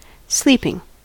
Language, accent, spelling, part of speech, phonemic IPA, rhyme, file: English, US, sleeping, verb / adjective / noun, /ˈsliːpɪŋ/, -iːpɪŋ, En-us-sleeping.ogg
- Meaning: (verb) present participle and gerund of sleep; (adjective) 1. Asleep 2. Used for sleep; used to produce sleep; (noun) The state of being asleep, or an instance of this